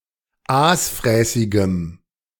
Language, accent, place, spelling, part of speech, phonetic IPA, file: German, Germany, Berlin, aasfräßigem, adjective, [ˈaːsˌfʁɛːsɪɡəm], De-aasfräßigem.ogg
- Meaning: strong dative masculine/neuter singular of aasfräßig